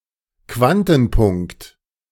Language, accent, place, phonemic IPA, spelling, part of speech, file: German, Germany, Berlin, /ˈkvantn̩ˌpʊŋkt/, Quantenpunkt, noun, De-Quantenpunkt.ogg
- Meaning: quantum dot